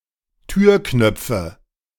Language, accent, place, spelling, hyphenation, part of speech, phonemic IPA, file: German, Germany, Berlin, Türknöpfe, Tür‧knöp‧fe, noun, /ˈtyːɐ̯ˌknœp͡fn̩/, De-Türknöpfe.ogg
- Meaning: nominative genitive accusative plural of Türknopf